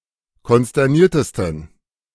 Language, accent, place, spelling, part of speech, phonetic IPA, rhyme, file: German, Germany, Berlin, konsterniertesten, adjective, [kɔnstɛʁˈniːɐ̯təstn̩], -iːɐ̯təstn̩, De-konsterniertesten.ogg
- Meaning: 1. superlative degree of konsterniert 2. inflection of konsterniert: strong genitive masculine/neuter singular superlative degree